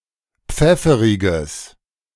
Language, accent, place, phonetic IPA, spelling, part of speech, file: German, Germany, Berlin, [ˈp͡fɛfəʁɪɡəs], pfefferiges, adjective, De-pfefferiges.ogg
- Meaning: strong/mixed nominative/accusative neuter singular of pfefferig